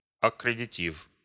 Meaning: letter of credit, bill of credit, letter of undertaking
- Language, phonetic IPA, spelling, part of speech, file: Russian, [ɐkrʲɪdʲɪˈtʲif], аккредитив, noun, Ru-аккредитив.ogg